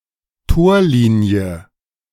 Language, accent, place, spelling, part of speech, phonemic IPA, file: German, Germany, Berlin, Torlinie, noun, /ˈtoːɐ̯ˌliːnjə/, De-Torlinie.ogg
- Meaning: 1. goal line (line between the goalposts, which the ball must pass to score a goal) 2. goal line (extension of the above, on both sides of the goal, delimiting the pitch)